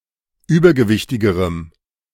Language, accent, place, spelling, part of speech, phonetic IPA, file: German, Germany, Berlin, übergewichtigerem, adjective, [ˈyːbɐɡəˌvɪçtɪɡəʁəm], De-übergewichtigerem.ogg
- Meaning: strong dative masculine/neuter singular comparative degree of übergewichtig